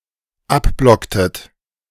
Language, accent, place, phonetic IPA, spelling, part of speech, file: German, Germany, Berlin, [ˈapˌblɔktət], abblocktet, verb, De-abblocktet.ogg
- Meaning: inflection of abblocken: 1. second-person plural dependent preterite 2. second-person plural dependent subjunctive II